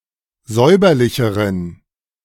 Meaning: inflection of säuberlich: 1. strong genitive masculine/neuter singular comparative degree 2. weak/mixed genitive/dative all-gender singular comparative degree
- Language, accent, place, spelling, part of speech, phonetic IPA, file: German, Germany, Berlin, säuberlicheren, adjective, [ˈzɔɪ̯bɐlɪçəʁən], De-säuberlicheren.ogg